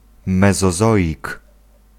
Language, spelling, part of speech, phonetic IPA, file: Polish, mezozoik, noun, [ˌmɛzɔˈzɔʲik], Pl-mezozoik.ogg